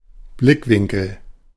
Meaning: 1. perspective 2. angle, point of view
- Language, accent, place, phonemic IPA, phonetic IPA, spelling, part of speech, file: German, Germany, Berlin, /ˈblɪkˌvɪŋkəl/, [ˈblɪkˌvɪŋkl̩], Blickwinkel, noun, De-Blickwinkel.ogg